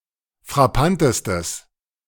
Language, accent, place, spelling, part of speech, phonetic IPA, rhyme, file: German, Germany, Berlin, frappantestes, adjective, [fʁaˈpantəstəs], -antəstəs, De-frappantestes.ogg
- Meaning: strong/mixed nominative/accusative neuter singular superlative degree of frappant